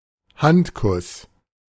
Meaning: hand-kiss
- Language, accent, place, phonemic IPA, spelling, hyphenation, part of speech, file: German, Germany, Berlin, /ˈhantkʊs/, Handkuss, Hand‧kuss, noun, De-Handkuss.ogg